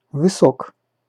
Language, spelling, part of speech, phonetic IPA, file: Russian, высок, adjective, [vɨˈsok], Ru-высок.ogg
- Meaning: short masculine singular of высо́кий (vysókij)